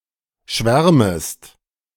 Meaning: second-person singular subjunctive I of schwärmen
- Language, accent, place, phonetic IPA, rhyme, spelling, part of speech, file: German, Germany, Berlin, [ˈʃvɛʁməst], -ɛʁməst, schwärmest, verb, De-schwärmest.ogg